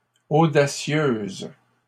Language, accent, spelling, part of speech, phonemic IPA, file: French, Canada, audacieuses, adjective, /o.da.sjøz/, LL-Q150 (fra)-audacieuses.wav
- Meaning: feminine plural of audacieux